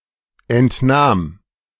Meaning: first/third-person singular preterite of entnehmen
- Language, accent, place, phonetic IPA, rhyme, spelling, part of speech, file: German, Germany, Berlin, [ɛntˈnaːm], -aːm, entnahm, verb, De-entnahm.ogg